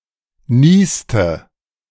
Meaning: inflection of niesen: 1. first/third-person singular preterite 2. first/third-person singular subjunctive II
- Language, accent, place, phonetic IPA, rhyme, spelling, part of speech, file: German, Germany, Berlin, [ˈniːstə], -iːstə, nieste, verb, De-nieste.ogg